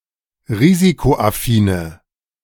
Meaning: inflection of risikoaffin: 1. strong/mixed nominative/accusative feminine singular 2. strong nominative/accusative plural 3. weak nominative all-gender singular
- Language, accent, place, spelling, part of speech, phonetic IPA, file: German, Germany, Berlin, risikoaffine, adjective, [ˈʁiːzikoʔaˌfiːnə], De-risikoaffine.ogg